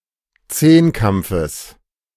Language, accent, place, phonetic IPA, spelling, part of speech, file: German, Germany, Berlin, [ˈt͡seːnˌkamp͡fəs], Zehnkampfes, noun, De-Zehnkampfes.ogg
- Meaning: genitive singular of Zehnkampf